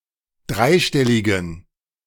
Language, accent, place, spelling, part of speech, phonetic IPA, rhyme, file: German, Germany, Berlin, dreistelligen, adjective, [ˈdʁaɪ̯ˌʃtɛlɪɡn̩], -aɪ̯ʃtɛlɪɡn̩, De-dreistelligen.ogg
- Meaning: inflection of dreistellig: 1. strong genitive masculine/neuter singular 2. weak/mixed genitive/dative all-gender singular 3. strong/weak/mixed accusative masculine singular 4. strong dative plural